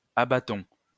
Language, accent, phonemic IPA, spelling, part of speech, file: French, France, /a.ba.tɔ̃/, abattons, verb, LL-Q150 (fra)-abattons.wav
- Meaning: inflection of abattre: 1. first-person plural present indicative 2. first-person plural imperative